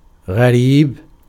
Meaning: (adjective) 1. strange, peculiar, unusual 2. foreign, unfamiliar; exotic 3. outlandish 4. rare 5. amazing, wondrous 6. obscure 7. supported only by the authority of one narrator (relative to Muhammad)
- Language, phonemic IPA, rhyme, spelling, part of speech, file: Arabic, /ɣa.riːb/, -iːb, غريب, adjective / noun, Ar-غريب.ogg